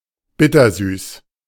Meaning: bittersweet; bittersweet nightshade (Solanum dulcamara)
- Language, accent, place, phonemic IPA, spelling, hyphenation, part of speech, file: German, Germany, Berlin, /ˈbɪtɐˌzyːs/, Bittersüß, Bit‧ter‧süß, noun, De-Bittersüß.ogg